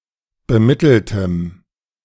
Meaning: strong dative masculine/neuter singular of bemittelt
- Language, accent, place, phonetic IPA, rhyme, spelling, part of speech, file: German, Germany, Berlin, [bəˈmɪtl̩təm], -ɪtl̩təm, bemitteltem, adjective, De-bemitteltem.ogg